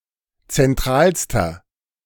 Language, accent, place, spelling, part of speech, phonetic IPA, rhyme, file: German, Germany, Berlin, zentralster, adjective, [t͡sɛnˈtʁaːlstɐ], -aːlstɐ, De-zentralster.ogg
- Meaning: inflection of zentral: 1. strong/mixed nominative masculine singular superlative degree 2. strong genitive/dative feminine singular superlative degree 3. strong genitive plural superlative degree